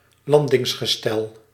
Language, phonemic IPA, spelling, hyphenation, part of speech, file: Dutch, /ˈlɑn.dɪŋs.xəˌstɛl/, landingsgestel, lan‧dings‧ge‧stel, noun, Nl-landingsgestel.ogg
- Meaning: Landing gear (equipment of aircraft used for landing)